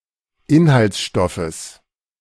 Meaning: genitive singular of Inhaltsstoff
- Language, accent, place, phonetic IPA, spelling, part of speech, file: German, Germany, Berlin, [ˈɪnhalt͡sˌʃtɔfəs], Inhaltsstoffes, noun, De-Inhaltsstoffes.ogg